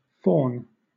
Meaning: 1. A woodland creature with pointed ears, legs, and short horns of a goat and a fondness for unrestrained revelry 2. Any of various nymphalid butterflies of the genus Faunis
- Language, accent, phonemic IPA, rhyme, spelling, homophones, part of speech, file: English, Southern England, /fɔːn/, -ɔːn, faun, fawn, noun, LL-Q1860 (eng)-faun.wav